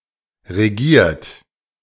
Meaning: 1. past participle of regieren 2. inflection of regieren: third-person singular present 3. inflection of regieren: second-person plural present 4. inflection of regieren: plural imperative
- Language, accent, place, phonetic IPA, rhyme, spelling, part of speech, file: German, Germany, Berlin, [ʁeˈɡiːɐ̯t], -iːɐ̯t, regiert, verb, De-regiert.ogg